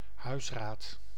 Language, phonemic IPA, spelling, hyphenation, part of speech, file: Dutch, /ˈɦœy̯s.raːt/, huisraad, huis‧raad, noun, Nl-huisraad.ogg
- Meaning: a collective term used to refer to all furniture, appliances and other housewares in a household (except for grocery items); household items, household goods, household inventory